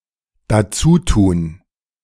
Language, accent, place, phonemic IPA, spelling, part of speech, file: German, Germany, Berlin, /daˈt͡suːˌtuːn/, dazutun, verb, De-dazutun.ogg
- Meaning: to add